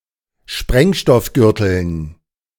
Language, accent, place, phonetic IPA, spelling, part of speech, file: German, Germany, Berlin, [ˈʃpʁɛŋʃtɔfˌɡʏʁtl̩n], Sprengstoffgürteln, noun, De-Sprengstoffgürteln.ogg
- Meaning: dative plural of Sprengstoffgürtel